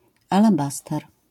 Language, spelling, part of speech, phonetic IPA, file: Polish, alabaster, noun, [ˌalaˈbastɛr], LL-Q809 (pol)-alabaster.wav